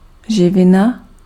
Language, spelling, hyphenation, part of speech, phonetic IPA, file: Czech, živina, ži‧vi‧na, noun, [ˈʒɪvɪna], Cs-živina.ogg
- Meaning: nutrient